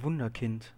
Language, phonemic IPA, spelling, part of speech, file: German, /ˈvʊndərˌkɪnt/, Wunderkind, noun, De-Wunderkind.oga
- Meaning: wunderkind, child prodigy (highly talented person who rises to excellence in their field at a young age)